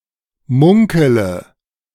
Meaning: inflection of munkeln: 1. first-person singular present 2. first-person plural subjunctive I 3. third-person singular subjunctive I 4. singular imperative
- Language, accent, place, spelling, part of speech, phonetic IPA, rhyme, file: German, Germany, Berlin, munkele, verb, [ˈmʊŋkələ], -ʊŋkələ, De-munkele.ogg